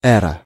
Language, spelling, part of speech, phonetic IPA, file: Russian, эра, noun, [ˈɛrə], Ru-эра.ogg
- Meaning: era, epoch